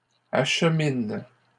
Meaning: third-person plural present indicative/subjunctive of acheminer
- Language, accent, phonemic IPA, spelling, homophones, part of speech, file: French, Canada, /aʃ.min/, acheminent, achemine / achemines, verb, LL-Q150 (fra)-acheminent.wav